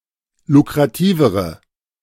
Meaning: inflection of lukrativ: 1. strong/mixed nominative/accusative feminine singular comparative degree 2. strong nominative/accusative plural comparative degree
- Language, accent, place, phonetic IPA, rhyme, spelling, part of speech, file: German, Germany, Berlin, [lukʁaˈtiːvəʁə], -iːvəʁə, lukrativere, adjective, De-lukrativere.ogg